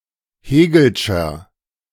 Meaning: inflection of hegelsch: 1. strong/mixed nominative masculine singular 2. strong genitive/dative feminine singular 3. strong genitive plural
- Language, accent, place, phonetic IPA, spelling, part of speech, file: German, Germany, Berlin, [ˈheːɡl̩ʃɐ], hegelscher, adjective, De-hegelscher.ogg